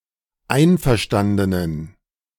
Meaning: inflection of einverstanden: 1. strong genitive masculine/neuter singular 2. weak/mixed genitive/dative all-gender singular 3. strong/weak/mixed accusative masculine singular 4. strong dative plural
- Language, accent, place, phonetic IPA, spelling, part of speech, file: German, Germany, Berlin, [ˈaɪ̯nfɛɐ̯ˌʃtandənən], einverstandenen, adjective, De-einverstandenen.ogg